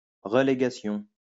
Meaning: relegation
- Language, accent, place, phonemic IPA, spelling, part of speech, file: French, France, Lyon, /ʁə.le.ɡa.sjɔ̃/, relégation, noun, LL-Q150 (fra)-relégation.wav